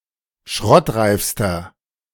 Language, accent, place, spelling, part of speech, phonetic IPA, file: German, Germany, Berlin, schrottreifster, adjective, [ˈʃʁɔtˌʁaɪ̯fstɐ], De-schrottreifster.ogg
- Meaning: inflection of schrottreif: 1. strong/mixed nominative masculine singular superlative degree 2. strong genitive/dative feminine singular superlative degree 3. strong genitive plural superlative degree